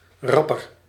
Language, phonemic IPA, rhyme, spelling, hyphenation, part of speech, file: Dutch, /ˈrɑpər/, -ɑpər, rapper, rap‧per, adjective, Nl-rapper.ogg
- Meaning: comparative degree of rap